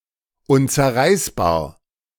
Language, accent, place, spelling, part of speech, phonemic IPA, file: German, Germany, Berlin, unzerreißbar, adjective, /ˌʊnt͡sɛɐ̯ˈʁaɪ̯sbaːɐ̯/, De-unzerreißbar.ogg
- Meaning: unbreakable (by ripping)